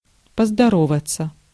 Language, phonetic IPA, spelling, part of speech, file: Russian, [pəzdɐˈrovət͡sə], поздороваться, verb, Ru-поздороваться.ogg
- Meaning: to greet, to salute, to say hello/hi